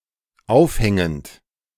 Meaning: present participle of aufhängen
- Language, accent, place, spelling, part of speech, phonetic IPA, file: German, Germany, Berlin, aufhängend, verb, [ˈaʊ̯fˌhɛŋənt], De-aufhängend.ogg